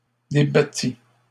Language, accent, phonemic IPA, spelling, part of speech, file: French, Canada, /de.ba.ti/, débattit, verb, LL-Q150 (fra)-débattit.wav
- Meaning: third-person singular past historic of débattre